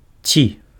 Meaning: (particle) 1. optional interrogative particle: introduces a yes-no question 2. if, whether; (conjunction) or
- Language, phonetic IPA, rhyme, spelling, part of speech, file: Belarusian, [t͡sʲi], -i, ці, particle / conjunction, Be-ці.ogg